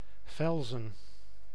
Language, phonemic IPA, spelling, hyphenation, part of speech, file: Dutch, /ˈvɛl.zə(n)/, Velsen, Vel‧sen, proper noun, Nl-Velsen.ogg
- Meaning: 1. a municipality of North Holland, Netherlands 2. Former name of Velsen-Zuid